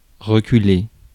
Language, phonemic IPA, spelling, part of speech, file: French, /ʁə.ky.le/, reculer, verb, Fr-reculer.ogg
- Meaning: 1. to move back, to put back 2. to go backwards 3. to back down, to concede 4. to back off, to draw back, to retreat 5. to recede, to gradually disappear 6. to drop, to fall, to decline